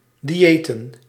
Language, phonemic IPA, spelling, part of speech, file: Dutch, /ˌdiˈeː.tə(n)/, diëten, verb / noun, Nl-diëten.ogg
- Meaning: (verb) to be on a diet; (noun) plural of dieet